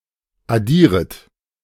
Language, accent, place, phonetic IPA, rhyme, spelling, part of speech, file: German, Germany, Berlin, [aˈdiːʁət], -iːʁət, addieret, verb, De-addieret.ogg
- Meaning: second-person plural subjunctive I of addieren